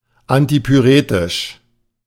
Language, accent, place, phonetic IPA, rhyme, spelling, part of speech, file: German, Germany, Berlin, [antipyˈʁeːtɪʃ], -eːtɪʃ, antipyretisch, adjective, De-antipyretisch.ogg
- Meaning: antipyretic (that reduces fever)